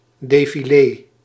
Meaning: parade, procession
- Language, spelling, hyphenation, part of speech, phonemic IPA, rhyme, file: Dutch, defilé, de‧fi‧lé, noun, /ˌdeː.fiˈleː/, -eː, Nl-defilé.ogg